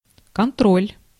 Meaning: 1. control 2. checkup, checking, inspection, monitoring, supervision, verification 3. blank test, standard 4. institution or organization that carries out such checks, inspections or monitoring
- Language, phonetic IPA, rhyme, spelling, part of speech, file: Russian, [kɐnˈtrolʲ], -olʲ, контроль, noun, Ru-контроль.ogg